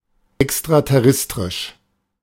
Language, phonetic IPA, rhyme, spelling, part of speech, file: German, [ɛkstʁatɛˈʁɛstʁɪʃ], -ɛstʁɪʃ, extraterrestrisch, adjective, De-extraterrestrisch.oga
- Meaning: extraterrestrial